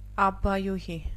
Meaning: abbess
- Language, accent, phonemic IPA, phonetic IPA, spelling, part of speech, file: Armenian, Eastern Armenian, /ɑbbɑjuˈhi/, [ɑbːɑjuhí], աբբայուհի, noun, Hy-աբբայուհի.ogg